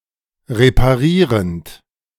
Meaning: present participle of reparieren
- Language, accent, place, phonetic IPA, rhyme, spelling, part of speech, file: German, Germany, Berlin, [ʁepaˈʁiːʁənt], -iːʁənt, reparierend, verb, De-reparierend.ogg